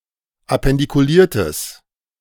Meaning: strong/mixed nominative/accusative neuter singular of appendikuliert
- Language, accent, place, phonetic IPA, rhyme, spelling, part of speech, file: German, Germany, Berlin, [apɛndikuˈliːɐ̯təs], -iːɐ̯təs, appendikuliertes, adjective, De-appendikuliertes.ogg